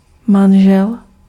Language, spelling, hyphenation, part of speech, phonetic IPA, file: Czech, manžel, man‧žel, noun, [ˈmanʒɛl], Cs-manžel.ogg
- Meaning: husband (a man in a marriage)